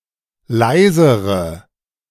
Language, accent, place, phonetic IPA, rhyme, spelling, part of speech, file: German, Germany, Berlin, [ˈlaɪ̯zəʁə], -aɪ̯zəʁə, leisere, adjective, De-leisere.ogg
- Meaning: inflection of leise: 1. strong/mixed nominative/accusative feminine singular comparative degree 2. strong nominative/accusative plural comparative degree